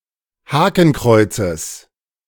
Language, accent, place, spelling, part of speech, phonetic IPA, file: German, Germany, Berlin, Hakenkreuzes, noun, [ˈhaːkn̩ˌkʁɔɪ̯t͡səs], De-Hakenkreuzes.ogg
- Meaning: genitive singular of Hakenkreuz